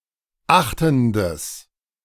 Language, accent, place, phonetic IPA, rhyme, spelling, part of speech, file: German, Germany, Berlin, [ˈaxtn̩dəs], -axtn̩dəs, achtendes, adjective, De-achtendes.ogg
- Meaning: strong/mixed nominative/accusative neuter singular of achtend